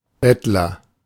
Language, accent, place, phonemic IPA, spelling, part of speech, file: German, Germany, Berlin, /ˈbɛtlɐ/, Bettler, noun, De-Bettler.ogg
- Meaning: beggar